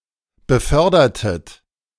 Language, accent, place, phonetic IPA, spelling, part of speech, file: German, Germany, Berlin, [bəˈfœʁdɐtət], befördertet, verb, De-befördertet.ogg
- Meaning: inflection of befördern: 1. second-person plural preterite 2. second-person plural subjunctive II